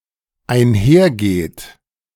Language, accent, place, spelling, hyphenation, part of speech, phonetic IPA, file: German, Germany, Berlin, einhergeht, ein‧her‧geht, verb, [aɪ̯nˈheːʁˌɡeːt], De-einhergeht.ogg
- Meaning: inflection of einhergehen: 1. third-person singular dependent present 2. second-person plural dependent present